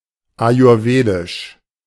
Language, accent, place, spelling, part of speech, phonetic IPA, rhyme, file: German, Germany, Berlin, ayurvedisch, adjective, [ajʊʁˈveːdɪʃ], -eːdɪʃ, De-ayurvedisch.ogg
- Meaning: alternative form of ayurwedisch